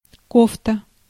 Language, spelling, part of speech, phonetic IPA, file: Russian, кофта, noun, [ˈkoftə], Ru-кофта.ogg
- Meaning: jersey, cardigan (garment knitted from wool, worn over the upper body)